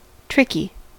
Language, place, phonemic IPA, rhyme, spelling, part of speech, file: English, California, /ˈtɹɪk.i/, -ɪki, tricky, adjective, En-us-tricky.ogg
- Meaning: 1. Hard to deal with, complicated 2. Adept at using deception 3. Relating to or associated with a prostitution trick